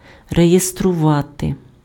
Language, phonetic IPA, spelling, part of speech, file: Ukrainian, [rejestrʊˈʋate], реєструвати, verb, Uk-реєструвати.ogg
- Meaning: to register (enter in a register)